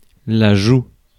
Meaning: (noun) cheek; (verb) inflection of jouer: 1. first/third-person singular present indicative/subjunctive 2. second-person singular imperative
- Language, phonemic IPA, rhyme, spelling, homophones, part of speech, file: French, /ʒu/, -u, joue, jouent / joues / joug / jougs, noun / verb, Fr-joue.ogg